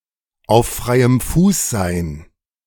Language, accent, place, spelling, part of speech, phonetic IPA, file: German, Germany, Berlin, auf freiem Fuß sein, verb, [aʊ̯f ˈfʁaɪ̯əm fuːs zaɪ̯n], De-auf freiem Fuß sein.ogg
- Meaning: to be on the loose